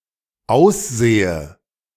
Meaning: inflection of aussehen: 1. first-person singular dependent present 2. first/third-person singular dependent subjunctive I
- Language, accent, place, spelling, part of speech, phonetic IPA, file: German, Germany, Berlin, aussehe, verb, [ˈaʊ̯sˌz̥eːə], De-aussehe.ogg